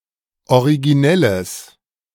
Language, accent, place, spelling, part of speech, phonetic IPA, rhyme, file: German, Germany, Berlin, originelles, adjective, [oʁiɡiˈnɛləs], -ɛləs, De-originelles.ogg
- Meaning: strong/mixed nominative/accusative neuter singular of originell